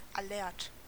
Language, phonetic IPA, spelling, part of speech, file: German, [aˈlɛʁt], alert, adjective, De-alert.ogg
- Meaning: alert